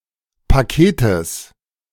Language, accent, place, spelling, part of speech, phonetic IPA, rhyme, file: German, Germany, Berlin, Paketes, noun, [paˈkeːtəs], -eːtəs, De-Paketes.ogg
- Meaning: genitive singular of Paket